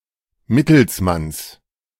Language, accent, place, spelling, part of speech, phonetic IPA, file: German, Germany, Berlin, Mittelsmanns, noun, [ˈmɪtl̩sˌmans], De-Mittelsmanns.ogg
- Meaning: genitive singular of Mittelsmann